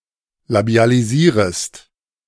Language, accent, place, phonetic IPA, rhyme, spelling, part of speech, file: German, Germany, Berlin, [labi̯aliˈziːʁəst], -iːʁəst, labialisierest, verb, De-labialisierest.ogg
- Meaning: second-person singular subjunctive I of labialisieren